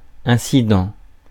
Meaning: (noun) incident; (adjective) incidental
- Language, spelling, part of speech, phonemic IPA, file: French, incident, noun / adjective, /ɛ̃.si.dɑ̃/, Fr-incident.ogg